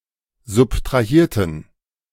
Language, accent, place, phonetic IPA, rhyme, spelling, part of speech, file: German, Germany, Berlin, [zʊptʁaˈhiːɐ̯tn̩], -iːɐ̯tn̩, subtrahierten, adjective / verb, De-subtrahierten.ogg
- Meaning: inflection of subtrahieren: 1. first/third-person plural preterite 2. first/third-person plural subjunctive II